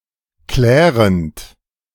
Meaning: present participle of klären
- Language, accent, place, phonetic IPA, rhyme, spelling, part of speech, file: German, Germany, Berlin, [ˈklɛːʁənt], -ɛːʁənt, klärend, verb, De-klärend.ogg